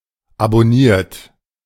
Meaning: 1. past participle of abonnieren 2. inflection of abonnieren: third-person singular present 3. inflection of abonnieren: second-person plural present 4. inflection of abonnieren: plural imperative
- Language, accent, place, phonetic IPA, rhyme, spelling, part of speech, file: German, Germany, Berlin, [abɔˈniːɐ̯t], -iːɐ̯t, abonniert, verb, De-abonniert.ogg